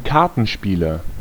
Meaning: cardplayer (male or of unspecified sex)
- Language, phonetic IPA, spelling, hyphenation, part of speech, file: German, [ˈkaʁtn̩ʃpiːlɐ], Kartenspieler, Kar‧ten‧spie‧ler, noun, De-Kartenspieler.ogg